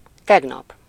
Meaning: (adverb) yesterday; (noun) yesterday (the day before today)
- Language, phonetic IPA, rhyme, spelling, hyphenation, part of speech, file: Hungarian, [ˈtɛɡnɒp], -ɒp, tegnap, teg‧nap, adverb / noun, Hu-tegnap.ogg